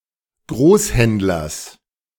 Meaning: genitive singular of Großhändler
- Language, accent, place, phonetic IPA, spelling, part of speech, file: German, Germany, Berlin, [ˈɡʁoːsˌhɛntlɐs], Großhändlers, noun, De-Großhändlers.ogg